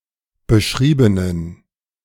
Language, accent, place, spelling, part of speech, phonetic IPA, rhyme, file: German, Germany, Berlin, beschriebenen, adjective, [bəˈʃʁiːbənən], -iːbənən, De-beschriebenen.ogg
- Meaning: inflection of beschrieben: 1. strong genitive masculine/neuter singular 2. weak/mixed genitive/dative all-gender singular 3. strong/weak/mixed accusative masculine singular 4. strong dative plural